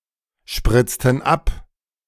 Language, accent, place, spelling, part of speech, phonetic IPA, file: German, Germany, Berlin, spritzten ab, verb, [ˌʃpʁɪt͡stn̩ ˈap], De-spritzten ab.ogg
- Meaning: inflection of abspritzen: 1. first/third-person plural preterite 2. first/third-person plural subjunctive II